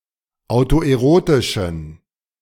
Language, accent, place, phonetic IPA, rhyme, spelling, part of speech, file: German, Germany, Berlin, [aʊ̯toʔeˈʁoːtɪʃn̩], -oːtɪʃn̩, autoerotischen, adjective, De-autoerotischen.ogg
- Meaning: inflection of autoerotisch: 1. strong genitive masculine/neuter singular 2. weak/mixed genitive/dative all-gender singular 3. strong/weak/mixed accusative masculine singular 4. strong dative plural